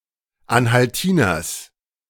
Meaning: genitive of Anhaltiner
- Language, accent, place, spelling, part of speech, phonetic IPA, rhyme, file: German, Germany, Berlin, Anhaltiners, noun, [ˌanhalˈtiːnɐs], -iːnɐs, De-Anhaltiners.ogg